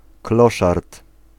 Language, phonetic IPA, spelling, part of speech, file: Polish, [ˈklɔʃart], kloszard, noun, Pl-kloszard.ogg